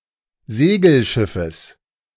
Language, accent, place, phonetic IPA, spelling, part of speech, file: German, Germany, Berlin, [ˈzeːɡl̩ˌʃɪfəs], Segelschiffes, noun, De-Segelschiffes.ogg
- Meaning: genitive singular of Segelschiff